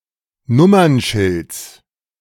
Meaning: genitive of Nummernschild
- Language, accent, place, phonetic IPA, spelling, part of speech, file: German, Germany, Berlin, [ˈnʊmɐnˌʃɪlt͡s], Nummernschilds, noun, De-Nummernschilds.ogg